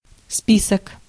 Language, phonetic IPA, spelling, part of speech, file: Russian, [ˈspʲisək], список, noun, Ru-список.ogg
- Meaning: list, register, roll (register or roll of paper consisting of an enumeration or compilation of a set of possible items)